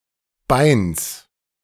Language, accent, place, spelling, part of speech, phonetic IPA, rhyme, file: German, Germany, Berlin, Beins, noun, [baɪ̯ns], -aɪ̯ns, De-Beins.ogg
- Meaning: genitive singular of Bein